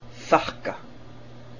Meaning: to thank
- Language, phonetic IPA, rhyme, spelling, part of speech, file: Icelandic, [ˈθahka], -ahka, þakka, verb, Is-þakka.ogg